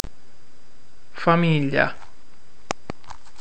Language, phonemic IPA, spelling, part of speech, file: Italian, /faˈmiʎʎa/, famiglia, noun, It-famiglia.ogg